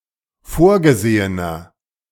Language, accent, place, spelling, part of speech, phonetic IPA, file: German, Germany, Berlin, vorgesehener, adjective, [ˈfoːɐ̯ɡəˌzeːənɐ], De-vorgesehener.ogg
- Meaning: inflection of vorgesehen: 1. strong/mixed nominative masculine singular 2. strong genitive/dative feminine singular 3. strong genitive plural